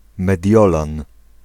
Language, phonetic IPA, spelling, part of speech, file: Polish, [mɛˈdʲjɔlãn], Mediolan, proper noun, Pl-Mediolan.ogg